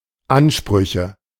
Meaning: nominative/accusative/genitive plural of Anspruch
- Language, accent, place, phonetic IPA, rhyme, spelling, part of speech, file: German, Germany, Berlin, [ˈanˌʃpʁʏçə], -anʃpʁʏçə, Ansprüche, noun, De-Ansprüche.ogg